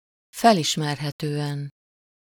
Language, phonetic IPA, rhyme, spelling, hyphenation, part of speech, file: Hungarian, [ˈfɛliʃmɛrɦɛtøːɛn], -ɛn, felismerhetően, fel‧is‧mer‧he‧tő‧en, adverb, Hu-felismerhetően.ogg
- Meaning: recognizably